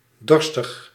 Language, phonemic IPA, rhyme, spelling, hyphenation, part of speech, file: Dutch, /ˈdɔr.stəx/, -ɔrstəx, dorstig, dor‧stig, adjective, Nl-dorstig.ogg
- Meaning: thirsty